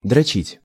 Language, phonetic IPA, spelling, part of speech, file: Russian, [drɐˈt͡ɕitʲ], дрочить, verb, Ru-дрочить.ogg
- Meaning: 1. to jerk off, to wank, to beat off (to masturbate) 2. to tease, to humiliate, to punish; to train to exhaustion 3. to perfect a skill 4. to pat, to cherish, to pamper